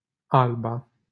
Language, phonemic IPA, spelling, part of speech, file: Romanian, /ˈalba/, Alba, proper noun, LL-Q7913 (ron)-Alba.wav
- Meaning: 1. a county of Romania 2. a village in Hudești, Botoșani County, Romania 3. a village in Izvoarele, Tulcea County, Romania